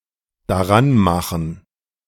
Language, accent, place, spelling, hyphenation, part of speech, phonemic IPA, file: German, Germany, Berlin, daranmachen, da‧r‧an‧ma‧chen, verb, /daˈʁanˌmaxn̩/, De-daranmachen.ogg
- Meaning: to set about doing something